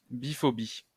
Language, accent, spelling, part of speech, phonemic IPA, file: French, France, biphobie, noun, /bi.fɔ.bi/, LL-Q150 (fra)-biphobie.wav
- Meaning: biphobia